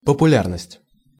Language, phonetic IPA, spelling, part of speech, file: Russian, [pəpʊˈlʲarnəsʲtʲ], популярность, noun, Ru-популярность.ogg
- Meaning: popularity